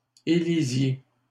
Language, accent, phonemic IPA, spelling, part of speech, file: French, Canada, /e.li.zje/, élisiez, verb, LL-Q150 (fra)-élisiez.wav
- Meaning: inflection of élire: 1. second-person plural imperfect indicative 2. second-person plural present subjunctive